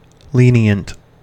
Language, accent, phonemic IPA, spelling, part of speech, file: English, US, /ˈliːni.ənt/, lenient, adjective / noun, En-us-lenient.ogg
- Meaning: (adjective) Lax; not strict; tolerant of dissent or deviation; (noun) A lenitive; an emollient